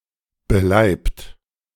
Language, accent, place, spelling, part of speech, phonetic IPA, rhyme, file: German, Germany, Berlin, beleibt, adjective, [bəˈlaɪ̯pt], -aɪ̯pt, De-beleibt.ogg
- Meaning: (verb) past participle of beleiben; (adjective) overweight